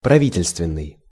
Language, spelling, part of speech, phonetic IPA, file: Russian, правительственный, adjective, [prɐˈvʲitʲɪlʲstvʲɪn(ː)ɨj], Ru-правительственный.ogg
- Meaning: government; governmental